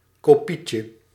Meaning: diminutive of kopie
- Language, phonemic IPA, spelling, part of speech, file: Dutch, /koˈpicə/, kopietje, noun, Nl-kopietje.ogg